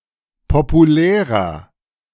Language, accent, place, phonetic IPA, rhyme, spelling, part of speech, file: German, Germany, Berlin, [popuˈlɛːʁɐ], -ɛːʁɐ, populärer, adjective, De-populärer.ogg
- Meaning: 1. comparative degree of populär 2. inflection of populär: strong/mixed nominative masculine singular 3. inflection of populär: strong genitive/dative feminine singular